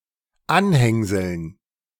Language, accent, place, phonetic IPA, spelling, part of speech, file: German, Germany, Berlin, [ˈanˌhɛŋzl̩n], Anhängseln, noun, De-Anhängseln.ogg
- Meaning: dative plural of Anhängsel